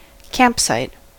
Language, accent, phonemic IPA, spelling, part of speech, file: English, US, /ˈkæmpˌsaɪt/, campsite, noun, En-us-campsite.ogg
- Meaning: A place where one or more tents may be pitched for an overnight stay in an outdoor area